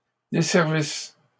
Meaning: third-person plural imperfect subjunctive of desservir
- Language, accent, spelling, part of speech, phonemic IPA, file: French, Canada, desservissent, verb, /de.sɛʁ.vis/, LL-Q150 (fra)-desservissent.wav